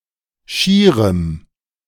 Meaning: strong dative masculine/neuter singular of schier
- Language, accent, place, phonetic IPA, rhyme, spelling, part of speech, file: German, Germany, Berlin, [ˈʃiːʁəm], -iːʁəm, schierem, adjective, De-schierem.ogg